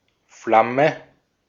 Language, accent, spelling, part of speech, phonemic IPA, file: German, Austria, Flamme, noun, /ˈflamə/, De-at-Flamme.ogg
- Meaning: 1. flame (visible part of fire) 2. flame (romantic partner or lover)